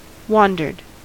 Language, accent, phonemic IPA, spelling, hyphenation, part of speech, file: English, US, /ˈwɑndɚd/, wandered, wan‧dered, verb, En-us-wandered.ogg
- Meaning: simple past and past participle of wander